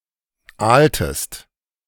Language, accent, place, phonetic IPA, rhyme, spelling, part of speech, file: German, Germany, Berlin, [ˈaːltəst], -aːltəst, aaltest, verb, De-aaltest.ogg
- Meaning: inflection of aalen: 1. second-person singular preterite 2. second-person singular subjunctive II